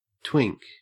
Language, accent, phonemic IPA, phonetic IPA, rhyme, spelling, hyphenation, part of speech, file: English, Australia, /ˈtwɪŋk/, [ˈtʰwɪŋk], -ɪŋk, twink, twink, verb / noun, En-au-twink.ogg
- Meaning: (verb) 1. To twinkle; to sparkle 2. To wink; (noun) 1. One or more very small, short bursts of light 2. A very short moment of time 3. The chaffinch